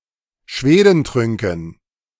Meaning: dative plural of Schwedentrunk
- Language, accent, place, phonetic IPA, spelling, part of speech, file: German, Germany, Berlin, [ˈʃveːdənˌtʁʏŋkn̩], Schwedentrünken, noun, De-Schwedentrünken.ogg